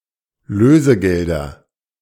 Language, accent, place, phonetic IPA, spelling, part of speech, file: German, Germany, Berlin, [ˈløːzəˌɡɛldɐ], Lösegelder, noun, De-Lösegelder.ogg
- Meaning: nominative/accusative/genitive plural of Lösegeld